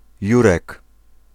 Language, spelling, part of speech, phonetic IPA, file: Polish, Jurek, proper noun, [ˈjurɛk], Pl-Jurek.ogg